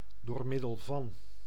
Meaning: by means of
- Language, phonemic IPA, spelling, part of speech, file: Dutch, /doːr ˈmɪ.dəl vɑn/, door middel van, preposition, Nl-door middel van.ogg